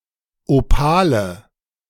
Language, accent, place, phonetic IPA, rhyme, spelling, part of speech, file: German, Germany, Berlin, [oˈpaːlə], -aːlə, Opale, noun, De-Opale.ogg
- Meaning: nominative/accusative/genitive plural of Opal